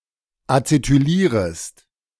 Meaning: second-person singular subjunctive I of acetylieren
- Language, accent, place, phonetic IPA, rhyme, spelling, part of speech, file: German, Germany, Berlin, [at͡setyˈliːʁəst], -iːʁəst, acetylierest, verb, De-acetylierest.ogg